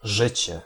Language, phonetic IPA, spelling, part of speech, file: Polish, [ˈʒɨt͡ɕɛ], życie, noun, Pl-życie.ogg